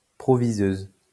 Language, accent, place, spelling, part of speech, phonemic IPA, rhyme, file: French, France, Lyon, proviseuse, noun, /pʁɔ.vi.zøz/, -øz, LL-Q150 (fra)-proviseuse.wav
- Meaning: female equivalent of proviseur